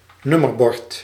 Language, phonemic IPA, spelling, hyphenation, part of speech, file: Dutch, /ˈnʏ.mərˌbɔrt/, nummerbord, num‧mer‧bord, noun, Nl-nummerbord.ogg
- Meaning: a number plate, a license plate (plate containing an (alpha)numeric identifier for a road vehicle)